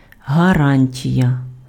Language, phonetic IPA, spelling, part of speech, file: Ukrainian, [ɦɐˈranʲtʲijɐ], гарантія, noun, Uk-гарантія.ogg
- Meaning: guarantee, warranty